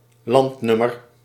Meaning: a country calling code
- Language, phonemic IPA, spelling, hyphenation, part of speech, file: Dutch, /ˈlɑntˌnʏ.mər/, landnummer, land‧num‧mer, noun, Nl-landnummer.ogg